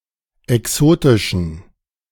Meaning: inflection of exotisch: 1. strong genitive masculine/neuter singular 2. weak/mixed genitive/dative all-gender singular 3. strong/weak/mixed accusative masculine singular 4. strong dative plural
- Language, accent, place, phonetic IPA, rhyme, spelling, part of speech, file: German, Germany, Berlin, [ɛˈksoːtɪʃn̩], -oːtɪʃn̩, exotischen, adjective, De-exotischen.ogg